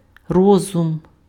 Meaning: reason, intellect
- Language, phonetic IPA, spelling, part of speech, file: Ukrainian, [ˈrɔzʊm], розум, noun, Uk-розум.ogg